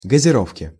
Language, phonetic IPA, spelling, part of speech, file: Russian, [ɡəzʲɪˈrofkʲɪ], газировки, noun, Ru-газировки.ogg
- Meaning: inflection of газиро́вка (gaziróvka): 1. genitive singular 2. nominative/accusative plural